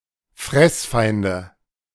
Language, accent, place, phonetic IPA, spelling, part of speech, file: German, Germany, Berlin, [ˈfʁɛsˌfaɪ̯ndə], Fressfeinde, noun, De-Fressfeinde.ogg
- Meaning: nominative/accusative/genitive plural of Fressfeind